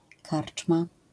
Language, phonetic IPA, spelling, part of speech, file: Polish, [ˈkart͡ʃma], karczma, noun, LL-Q809 (pol)-karczma.wav